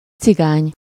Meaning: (adjective) 1. Gypsy 2. Romani (written or spoken in the language of the Roma people) 3. bad, worthless; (noun) 1. Gypsy, Roma, Rom, Romani 2. Romani (the language of the Roma people)
- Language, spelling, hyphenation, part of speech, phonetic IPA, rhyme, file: Hungarian, cigány, ci‧gány, adjective / noun, [ˈt͡siɡaːɲ], -aːɲ, Hu-cigány.ogg